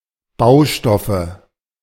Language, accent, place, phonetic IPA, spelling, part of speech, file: German, Germany, Berlin, [ˈbaʊ̯ˌʃtɔfə], Baustoffe, noun, De-Baustoffe.ogg
- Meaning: nominative/accusative/genitive plural of Baustoff